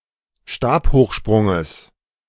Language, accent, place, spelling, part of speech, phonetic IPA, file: German, Germany, Berlin, Stabhochsprunges, noun, [ˈʃtaːphoːxˌʃpʁʊŋəs], De-Stabhochsprunges.ogg
- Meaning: genitive of Stabhochsprung